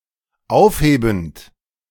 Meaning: present participle of aufheben
- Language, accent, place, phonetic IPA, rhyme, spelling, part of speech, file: German, Germany, Berlin, [ˈaʊ̯fˌheːbn̩t], -aʊ̯fheːbn̩t, aufhebend, verb, De-aufhebend.ogg